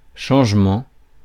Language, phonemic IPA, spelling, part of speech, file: French, /ʃɑ̃ʒ.mɑ̃/, changement, noun, Fr-changement.ogg
- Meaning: change